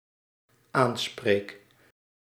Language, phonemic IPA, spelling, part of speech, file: Dutch, /ˈansprek/, aanspreek, verb, Nl-aanspreek.ogg
- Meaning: first-person singular dependent-clause present indicative of aanspreken